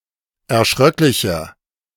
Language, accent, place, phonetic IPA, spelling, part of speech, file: German, Germany, Berlin, [ɛɐ̯ˈʃʁœklɪçɐ], erschröcklicher, adjective, De-erschröcklicher.ogg
- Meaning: 1. comparative degree of erschröcklich 2. inflection of erschröcklich: strong/mixed nominative masculine singular 3. inflection of erschröcklich: strong genitive/dative feminine singular